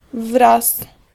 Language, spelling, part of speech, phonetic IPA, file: Polish, wraz, preposition / noun, [vras], Pl-wraz.ogg